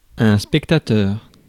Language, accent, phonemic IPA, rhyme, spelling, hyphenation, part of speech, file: French, France, /spɛk.ta.tœʁ/, -œʁ, spectateur, spec‧ta‧teur, noun, Fr-spectateur.ogg
- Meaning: spectator (observer)